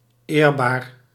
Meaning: honorable
- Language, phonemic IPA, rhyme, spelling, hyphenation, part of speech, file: Dutch, /ˈeːr.baːr/, -eːrbaːr, eerbaar, eer‧baar, adjective, Nl-eerbaar.ogg